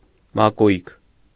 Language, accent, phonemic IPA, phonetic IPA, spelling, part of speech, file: Armenian, Eastern Armenian, /mɑˈkujk/, [mɑkújk], մակույկ, noun, Hy-մակույկ.ogg
- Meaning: boat